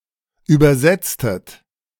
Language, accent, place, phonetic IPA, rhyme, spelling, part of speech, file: German, Germany, Berlin, [ˌyːbɐˈzɛt͡stət], -ɛt͡stət, übersetztet, verb, De-übersetztet.ogg
- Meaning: inflection of übersetzen: 1. second-person plural preterite 2. second-person plural subjunctive II